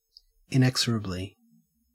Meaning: In an inexorable manner; without the possibility of stopping or prevention
- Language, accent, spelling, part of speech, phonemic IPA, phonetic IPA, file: English, Australia, inexorably, adverb, /ɪnˈɛk.sə.ɹə.bli/, [ɪnˈɛɡ.zə.ɹə.bli], En-au-inexorably.ogg